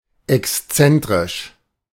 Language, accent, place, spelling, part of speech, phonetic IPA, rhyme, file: German, Germany, Berlin, exzentrisch, adjective, [ɛksˈt͡sɛntʁɪʃ], -ɛntʁɪʃ, De-exzentrisch.ogg
- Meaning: eccentric